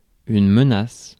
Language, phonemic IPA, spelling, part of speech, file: French, /mə.nas/, menace, noun / verb, Fr-menace.ogg
- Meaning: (noun) threat; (verb) inflection of menacer: 1. first/third-person singular present indicative/subjunctive 2. second-person singular imperative